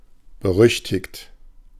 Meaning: infamous, notorious
- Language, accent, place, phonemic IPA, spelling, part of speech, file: German, Germany, Berlin, /bəˈʁʏçtɪçt/, berüchtigt, adjective, De-berüchtigt.ogg